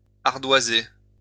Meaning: 1. to cover with slates (or with a slate colour) 2. to put it on the slate (pay with an informal credit account)
- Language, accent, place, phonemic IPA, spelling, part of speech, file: French, France, Lyon, /aʁ.dwa.ze/, ardoiser, verb, LL-Q150 (fra)-ardoiser.wav